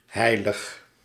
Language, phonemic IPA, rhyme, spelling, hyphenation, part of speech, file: Dutch, /ˈɦɛi̯.ləx/, -ɛi̯ləx, heilig, hei‧lig, adjective / verb, Nl-heilig.ogg
- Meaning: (adjective) 1. holy 2. sacred; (verb) inflection of heiligen: 1. first-person singular present indicative 2. second-person singular present indicative 3. imperative